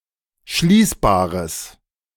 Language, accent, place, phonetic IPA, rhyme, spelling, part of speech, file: German, Germany, Berlin, [ˈʃliːsbaːʁəs], -iːsbaːʁəs, schließbares, adjective, De-schließbares.ogg
- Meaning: strong/mixed nominative/accusative neuter singular of schließbar